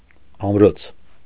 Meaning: 1. fortress, fort 2. castle
- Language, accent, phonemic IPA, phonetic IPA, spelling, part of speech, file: Armenian, Eastern Armenian, /ɑmˈɾot͡sʰ/, [ɑmɾót͡sʰ], ամրոց, noun, Hy-ամրոց.ogg